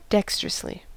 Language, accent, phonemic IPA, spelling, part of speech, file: English, US, /ˈdɛkst(ə)ɹəsli/, dexterously, adverb, En-us-dexterously.ogg
- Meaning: In a dexterous manner; skillfully; with precision